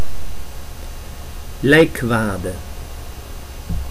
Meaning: funeral shroud (piece of white cloth wrapped around the body or covering the coffin)
- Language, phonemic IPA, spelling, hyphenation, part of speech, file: Dutch, /ˈlɛi̯kˌʋaː.də/, lijkwade, lijk‧wade, noun, Nl-lijkwade.ogg